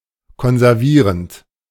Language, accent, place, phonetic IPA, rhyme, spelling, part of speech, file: German, Germany, Berlin, [kɔnzɛʁˈviːʁənt], -iːʁənt, konservierend, verb, De-konservierend.ogg
- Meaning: present participle of konservieren